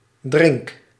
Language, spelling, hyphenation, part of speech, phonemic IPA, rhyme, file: Dutch, drink, drink, noun / verb, /drɪŋk/, -ɪŋk, Nl-drink.ogg
- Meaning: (noun) 1. a social event were beverages are served, with or without snacks, e.g. as a celebration 2. a beverage, a drink; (verb) inflection of drinken: first-person singular present indicative